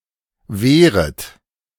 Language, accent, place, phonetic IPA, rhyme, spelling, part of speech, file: German, Germany, Berlin, [ˈveːʁət], -eːʁət, wehret, verb, De-wehret.ogg
- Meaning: second-person plural subjunctive I of wehren